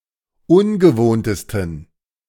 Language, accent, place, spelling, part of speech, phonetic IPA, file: German, Germany, Berlin, ungewohntesten, adjective, [ˈʊnɡəˌvoːntəstn̩], De-ungewohntesten.ogg
- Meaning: 1. superlative degree of ungewohnt 2. inflection of ungewohnt: strong genitive masculine/neuter singular superlative degree